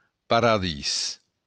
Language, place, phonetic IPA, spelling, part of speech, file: Occitan, Béarn, [paɾaˈðis], paradís, noun, LL-Q14185 (oci)-paradís.wav
- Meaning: paradise